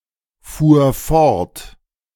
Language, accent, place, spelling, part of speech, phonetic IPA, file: German, Germany, Berlin, fuhr fort, verb, [ˌfuːɐ̯ ˈfɔʁt], De-fuhr fort.ogg
- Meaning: first/third-person singular preterite of fortfahren